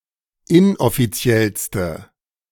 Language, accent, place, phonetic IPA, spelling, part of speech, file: German, Germany, Berlin, [ˈɪnʔɔfiˌt͡si̯ɛlstə], inoffiziellste, adjective, De-inoffiziellste.ogg
- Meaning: inflection of inoffiziell: 1. strong/mixed nominative/accusative feminine singular superlative degree 2. strong nominative/accusative plural superlative degree